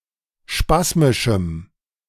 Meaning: strong dative masculine/neuter singular of spasmisch
- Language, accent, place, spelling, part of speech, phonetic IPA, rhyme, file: German, Germany, Berlin, spasmischem, adjective, [ˈʃpasmɪʃm̩], -asmɪʃm̩, De-spasmischem.ogg